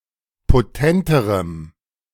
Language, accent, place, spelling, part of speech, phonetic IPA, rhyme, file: German, Germany, Berlin, potenterem, adjective, [poˈtɛntəʁəm], -ɛntəʁəm, De-potenterem.ogg
- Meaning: strong dative masculine/neuter singular comparative degree of potent